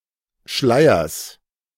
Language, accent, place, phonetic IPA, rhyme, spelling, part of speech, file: German, Germany, Berlin, [ˈʃlaɪ̯ɐs], -aɪ̯ɐs, Schleiers, noun, De-Schleiers.ogg
- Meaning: genitive singular of Schleier